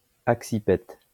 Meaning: axipetal
- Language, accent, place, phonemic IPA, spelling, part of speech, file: French, France, Lyon, /ak.si.pɛt/, axipète, adjective, LL-Q150 (fra)-axipète.wav